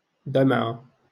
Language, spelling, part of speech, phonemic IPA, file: Moroccan Arabic, دمعة, noun, /dam.ʕa/, LL-Q56426 (ary)-دمعة.wav
- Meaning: a tear (drop of salty liquid resulting from crying)